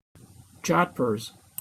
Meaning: Flared riding trousers of heavy cloth, fitting tightly from knee to ankle
- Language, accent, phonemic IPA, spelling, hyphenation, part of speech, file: English, General American, /ˈd͡ʒɑdpɚz/, jodhpurs, jodh‧purs, noun, En-us-jodhpurs.opus